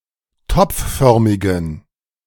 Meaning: inflection of topfförmig: 1. strong genitive masculine/neuter singular 2. weak/mixed genitive/dative all-gender singular 3. strong/weak/mixed accusative masculine singular 4. strong dative plural
- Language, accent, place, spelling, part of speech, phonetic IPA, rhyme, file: German, Germany, Berlin, topfförmigen, adjective, [ˈtɔp͡fˌfœʁmɪɡn̩], -ɔp͡ffœʁmɪɡn̩, De-topfförmigen.ogg